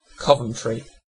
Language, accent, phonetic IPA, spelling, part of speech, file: English, UK, [ˈkʰɒvəntʃɹi], Coventry, proper noun, En-uk-Coventry.ogg
- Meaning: 1. A cathedral city and metropolitan borough in the West Midlands, central England, historically in Warwickshire 2. A place in the United States: A town in Tolland County, Connecticut